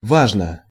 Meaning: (adverb) 1. importantly 2. grandly; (adjective) short neuter singular of ва́жный (vážnyj)
- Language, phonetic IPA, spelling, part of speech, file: Russian, [ˈvaʐnə], важно, adverb / adjective, Ru-важно.ogg